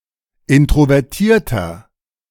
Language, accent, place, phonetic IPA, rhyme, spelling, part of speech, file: German, Germany, Berlin, [ˌɪntʁovɛʁˈtiːɐ̯tɐ], -iːɐ̯tɐ, introvertierter, adjective, De-introvertierter.ogg
- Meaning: 1. comparative degree of introvertiert 2. inflection of introvertiert: strong/mixed nominative masculine singular 3. inflection of introvertiert: strong genitive/dative feminine singular